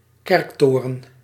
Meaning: steeple, church tower
- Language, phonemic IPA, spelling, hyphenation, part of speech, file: Dutch, /ˈkɛrkˌtoː.rə(n)/, kerktoren, kerk‧to‧ren, noun, Nl-kerktoren.ogg